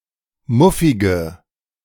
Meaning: inflection of muffig: 1. strong/mixed nominative/accusative feminine singular 2. strong nominative/accusative plural 3. weak nominative all-gender singular 4. weak accusative feminine/neuter singular
- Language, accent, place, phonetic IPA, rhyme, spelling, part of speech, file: German, Germany, Berlin, [ˈmʊfɪɡə], -ʊfɪɡə, muffige, adjective, De-muffige.ogg